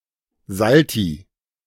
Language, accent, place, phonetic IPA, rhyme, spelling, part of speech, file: German, Germany, Berlin, [ˈzalti], -alti, Salti, noun, De-Salti.ogg
- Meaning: plural of Salto